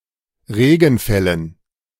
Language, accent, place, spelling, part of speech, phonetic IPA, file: German, Germany, Berlin, Regenfällen, noun, [ˈʁeːɡn̩ˌfɛlən], De-Regenfällen.ogg
- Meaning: dative plural of Regenfall